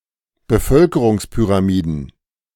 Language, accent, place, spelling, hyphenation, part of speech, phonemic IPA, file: German, Germany, Berlin, Bevölkerungspyramiden, Be‧völ‧ke‧rungs‧py‧ra‧mi‧den, noun, /bəˈfœlkəʁʊŋspyʁaˌmiːdən/, De-Bevölkerungspyramiden.ogg
- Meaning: plural of Bevölkerungspyramide